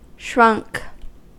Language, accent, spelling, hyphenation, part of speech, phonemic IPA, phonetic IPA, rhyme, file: English, US, shrunk, shrunk, verb / adjective, /ˈʃɹʌŋk/, [ˈʃɹʷʌŋk], -ʌŋk, En-us-shrunk.ogg
- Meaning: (verb) simple past and past participle of shrink; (adjective) shrunken